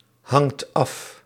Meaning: inflection of afhangen: 1. second/third-person singular present indicative 2. plural imperative
- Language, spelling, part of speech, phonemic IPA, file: Dutch, hangt af, verb, /ˈhɑŋt ˈɑf/, Nl-hangt af.ogg